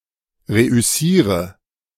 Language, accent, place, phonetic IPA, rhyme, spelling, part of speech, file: German, Germany, Berlin, [ˌʁeʔʏˈsiːʁə], -iːʁə, reüssiere, verb, De-reüssiere.ogg
- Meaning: inflection of reüssieren: 1. first-person singular present 2. singular imperative 3. first/third-person singular subjunctive I